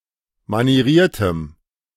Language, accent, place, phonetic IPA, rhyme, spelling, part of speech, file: German, Germany, Berlin, [maniˈʁiːɐ̯təm], -iːɐ̯təm, manieriertem, adjective, De-manieriertem.ogg
- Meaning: strong dative masculine/neuter singular of manieriert